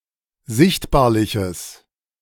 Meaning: strong/mixed nominative/accusative neuter singular of sichtbarlich
- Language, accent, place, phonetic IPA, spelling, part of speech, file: German, Germany, Berlin, [ˈzɪçtbaːɐ̯lɪçəs], sichtbarliches, adjective, De-sichtbarliches.ogg